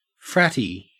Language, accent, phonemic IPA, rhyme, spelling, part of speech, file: English, Australia, /ˈfɹæti/, -æti, fratty, adjective, En-au-fratty.ogg
- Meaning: Resembling or characteristic of a frat boy in behavior or appearance